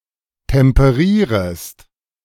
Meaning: second-person singular subjunctive I of temperieren
- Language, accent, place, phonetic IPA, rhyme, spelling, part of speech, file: German, Germany, Berlin, [tɛmpəˈʁiːʁəst], -iːʁəst, temperierest, verb, De-temperierest.ogg